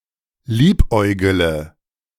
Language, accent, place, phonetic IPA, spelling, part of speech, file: German, Germany, Berlin, [ˈliːpˌʔɔɪ̯ɡələ], liebäugele, verb, De-liebäugele.ogg
- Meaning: inflection of liebäugeln: 1. first-person singular present 2. first-person plural subjunctive I 3. third-person singular subjunctive I 4. singular imperative